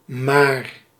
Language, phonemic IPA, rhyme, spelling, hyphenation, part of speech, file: Dutch, /maːr/, -aːr, maar, maar, adverb / conjunction / verb, Nl-maar.ogg
- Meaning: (adverb) 1. only, just 2. as long as; only 3. just; a modal particle indicating a certain degree of indifference towards the result; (conjunction) 1. but 2. yet; only 3. but then